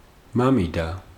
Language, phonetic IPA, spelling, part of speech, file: Georgian, [mämidä], მამიდა, noun, Ka-მამიდა.ogg
- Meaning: aunt (father's side), paternal aunt, the sister of one's father, father’s cousin